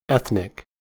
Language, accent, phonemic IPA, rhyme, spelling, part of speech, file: English, US, /ˈɛθ.nɪk/, -ɛθnɪk, ethnic, adjective / noun, En-us-ethnic.ogg
- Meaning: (adjective) 1. Of or relating to a group of people having common racial, ancestral, national, religious or cultural origins 2. Characteristic of a foreign or a minority group's culture